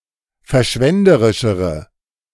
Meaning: inflection of verschwenderisch: 1. strong/mixed nominative/accusative feminine singular comparative degree 2. strong nominative/accusative plural comparative degree
- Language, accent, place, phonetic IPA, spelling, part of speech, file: German, Germany, Berlin, [fɛɐ̯ˈʃvɛndəʁɪʃəʁə], verschwenderischere, adjective, De-verschwenderischere.ogg